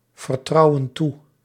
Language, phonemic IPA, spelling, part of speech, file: Dutch, /vərˈtrɑuə(n) ˈtu/, vertrouwen toe, verb, Nl-vertrouwen toe.ogg
- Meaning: inflection of toevertrouwen: 1. plural present indicative 2. plural present subjunctive